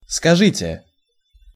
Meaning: second-person plural imperative perfective of сказа́ть (skazátʹ)
- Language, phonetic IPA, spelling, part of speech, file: Russian, [skɐˈʐɨtʲe], скажите, verb, Ru-скажите.ogg